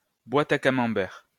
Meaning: mouth
- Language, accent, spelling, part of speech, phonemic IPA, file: French, France, boîte à camembert, noun, /bwat a ka.mɑ̃.bɛʁ/, LL-Q150 (fra)-boîte à camembert.wav